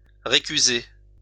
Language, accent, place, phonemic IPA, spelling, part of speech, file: French, France, Lyon, /ʁe.ky.ze/, récuser, verb, LL-Q150 (fra)-récuser.wav
- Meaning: 1. to object, to make an objection 2. to impugn, challenge 3. to recuse